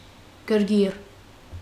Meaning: excitement, irritation, excitation
- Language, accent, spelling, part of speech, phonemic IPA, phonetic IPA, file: Armenian, Eastern Armenian, գրգիռ, noun, /ɡəɾˈɡir/, [ɡəɾɡír], Hy-գրգիռ.ogg